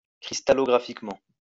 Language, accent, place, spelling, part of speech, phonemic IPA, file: French, France, Lyon, cristallographiquement, adverb, /kʁis.ta.lɔ.ɡʁa.fik.mɑ̃/, LL-Q150 (fra)-cristallographiquement.wav
- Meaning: crystallographically